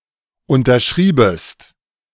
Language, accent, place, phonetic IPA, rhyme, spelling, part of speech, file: German, Germany, Berlin, [ˌʊntɐˈʃʁiːbəst], -iːbəst, unterschriebest, verb, De-unterschriebest.ogg
- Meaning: second-person singular subjunctive II of unterschreiben